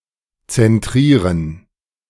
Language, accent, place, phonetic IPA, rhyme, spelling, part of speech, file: German, Germany, Berlin, [t͡sɛnˈtʁiːʁən], -iːʁən, zentrieren, verb, De-zentrieren.ogg
- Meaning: to center